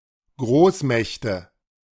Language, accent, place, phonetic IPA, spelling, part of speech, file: German, Germany, Berlin, [ˈɡʁoːsˌmɛçtə], Großmächte, noun, De-Großmächte.ogg
- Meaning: nominative/accusative/genitive plural of Großmacht